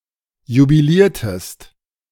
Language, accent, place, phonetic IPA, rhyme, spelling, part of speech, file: German, Germany, Berlin, [jubiˈliːɐ̯təst], -iːɐ̯təst, jubiliertest, verb, De-jubiliertest.ogg
- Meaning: inflection of jubilieren: 1. second-person singular preterite 2. second-person singular subjunctive II